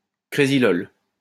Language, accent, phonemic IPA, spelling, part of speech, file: French, France, /kʁe.zi.lɔl/, crésylol, noun, LL-Q150 (fra)-crésylol.wav
- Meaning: synonym of crésol